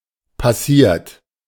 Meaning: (verb) past participle of passieren; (adjective) sieved; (verb) 1. it happens 2. inflection of passieren: third-person singular present 3. inflection of passieren: second-person plural present
- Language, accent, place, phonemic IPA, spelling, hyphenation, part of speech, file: German, Germany, Berlin, /paˈsiːɐ̯t/, passiert, pas‧siert, verb / adjective, De-passiert.ogg